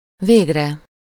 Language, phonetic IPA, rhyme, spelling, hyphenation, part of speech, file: Hungarian, [ˈveːɡrɛ], -rɛ, végre, vég‧re, noun / adverb, Hu-végre.ogg
- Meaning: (noun) sublative singular of vég; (adverb) at last